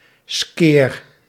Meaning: 1. poor 2. cheap, low-quality
- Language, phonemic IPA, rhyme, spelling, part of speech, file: Dutch, /skeːr/, -eːr, skeer, adjective, Nl-skeer.ogg